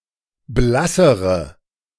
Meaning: inflection of blass: 1. strong/mixed nominative/accusative feminine singular comparative degree 2. strong nominative/accusative plural comparative degree
- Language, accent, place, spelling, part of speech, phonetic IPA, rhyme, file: German, Germany, Berlin, blassere, adjective, [ˈblasəʁə], -asəʁə, De-blassere.ogg